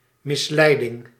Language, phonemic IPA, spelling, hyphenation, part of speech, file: Dutch, /mɪsˈlɛidɪŋ/, misleiding, mis‧lei‧ding, noun, Nl-misleiding.ogg
- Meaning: deception